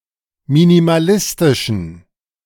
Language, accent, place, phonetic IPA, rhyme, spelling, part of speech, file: German, Germany, Berlin, [minimaˈlɪstɪʃn̩], -ɪstɪʃn̩, minimalistischen, adjective, De-minimalistischen.ogg
- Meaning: inflection of minimalistisch: 1. strong genitive masculine/neuter singular 2. weak/mixed genitive/dative all-gender singular 3. strong/weak/mixed accusative masculine singular 4. strong dative plural